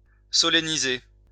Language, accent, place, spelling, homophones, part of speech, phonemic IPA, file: French, France, Lyon, solenniser, solennisai / solennisé / solennisée / solennisées / solennisés / solennisez, verb, /sɔ.la.ni.ze/, LL-Q150 (fra)-solenniser.wav
- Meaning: to solemnize